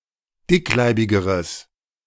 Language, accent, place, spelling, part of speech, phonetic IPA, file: German, Germany, Berlin, dickleibigeres, adjective, [ˈdɪkˌlaɪ̯bɪɡəʁəs], De-dickleibigeres.ogg
- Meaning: strong/mixed nominative/accusative neuter singular comparative degree of dickleibig